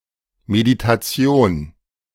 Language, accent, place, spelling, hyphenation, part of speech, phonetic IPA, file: German, Germany, Berlin, Meditation, Me‧di‧ta‧ti‧on, noun, [ˌmeditaˈt͡si̯oːn], De-Meditation.ogg
- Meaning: meditation